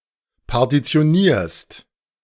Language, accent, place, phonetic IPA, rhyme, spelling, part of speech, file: German, Germany, Berlin, [paʁtit͡si̯oˈniːɐ̯st], -iːɐ̯st, partitionierst, verb, De-partitionierst.ogg
- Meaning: second-person singular present of partitionieren